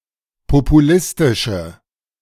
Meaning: inflection of populistisch: 1. strong/mixed nominative/accusative feminine singular 2. strong nominative/accusative plural 3. weak nominative all-gender singular
- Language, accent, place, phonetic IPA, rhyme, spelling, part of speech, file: German, Germany, Berlin, [popuˈlɪstɪʃə], -ɪstɪʃə, populistische, adjective, De-populistische.ogg